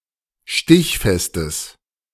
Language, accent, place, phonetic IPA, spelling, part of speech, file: German, Germany, Berlin, [ˈʃtɪçfɛstəs], stichfestes, adjective, De-stichfestes.ogg
- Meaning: strong/mixed nominative/accusative neuter singular of stichfest